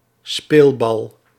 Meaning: 1. a helpless victim of external forces 2. a ball used for playing, especially one belonging to a pet
- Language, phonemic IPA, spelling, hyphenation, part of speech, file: Dutch, /ˈspeːl.bɑl/, speelbal, speel‧bal, noun, Nl-speelbal.ogg